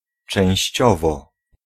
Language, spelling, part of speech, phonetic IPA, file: Polish, częściowo, adverb, [t͡ʃɛ̃w̃ɕˈt͡ɕɔvɔ], Pl-częściowo.ogg